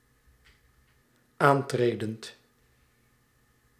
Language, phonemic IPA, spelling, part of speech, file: Dutch, /ˈantredənt/, aantredend, verb, Nl-aantredend.ogg
- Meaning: present participle of aantreden